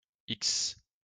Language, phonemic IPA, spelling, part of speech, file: French, /iks/, x, character, LL-Q150 (fra)-x.wav
- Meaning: The twenty-fourth letter of the French alphabet, written in the Latin script